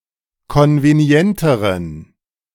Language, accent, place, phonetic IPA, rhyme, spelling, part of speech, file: German, Germany, Berlin, [ˌkɔnveˈni̯ɛntəʁən], -ɛntəʁən, konvenienteren, adjective, De-konvenienteren.ogg
- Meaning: inflection of konvenient: 1. strong genitive masculine/neuter singular comparative degree 2. weak/mixed genitive/dative all-gender singular comparative degree